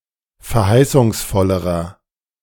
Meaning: inflection of verheißungsvoll: 1. strong/mixed nominative masculine singular comparative degree 2. strong genitive/dative feminine singular comparative degree
- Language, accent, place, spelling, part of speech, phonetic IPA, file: German, Germany, Berlin, verheißungsvollerer, adjective, [fɛɐ̯ˈhaɪ̯sʊŋsˌfɔləʁɐ], De-verheißungsvollerer.ogg